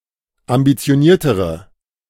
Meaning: inflection of ambitioniert: 1. strong/mixed nominative/accusative feminine singular comparative degree 2. strong nominative/accusative plural comparative degree
- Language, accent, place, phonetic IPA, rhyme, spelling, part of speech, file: German, Germany, Berlin, [ambit͡si̯oˈniːɐ̯təʁə], -iːɐ̯təʁə, ambitioniertere, adjective, De-ambitioniertere.ogg